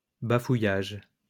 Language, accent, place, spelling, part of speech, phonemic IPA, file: French, France, Lyon, bafouillage, noun, /ba.fu.jaʒ/, LL-Q150 (fra)-bafouillage.wav
- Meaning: 1. spluttering, stammering 2. gibberish